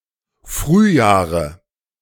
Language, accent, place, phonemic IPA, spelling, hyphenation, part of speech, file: German, Germany, Berlin, /ˈfʁyːˌjaːʁə/, Frühjahre, Früh‧jah‧re, noun, De-Frühjahre.ogg
- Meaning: nominative/accusative/genitive plural of Frühjahr